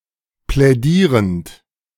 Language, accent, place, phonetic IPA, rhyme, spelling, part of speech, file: German, Germany, Berlin, [plɛˈdiːʁənt], -iːʁənt, plädierend, verb, De-plädierend.ogg
- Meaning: present participle of plädieren